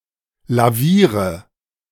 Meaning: inflection of lavieren: 1. first-person singular present 2. first/third-person singular subjunctive I 3. singular imperative
- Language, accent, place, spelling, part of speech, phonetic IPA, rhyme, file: German, Germany, Berlin, laviere, verb, [laˈviːʁə], -iːʁə, De-laviere.ogg